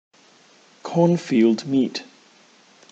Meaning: An accidental head-on collision or near head-on collision of two trains
- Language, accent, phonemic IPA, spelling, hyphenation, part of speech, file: English, Received Pronunciation, /ˈkɔːnfiːld ˌmiːt/, cornfield meet, corn‧field meet, noun, En-uk-cornfield meet.ogg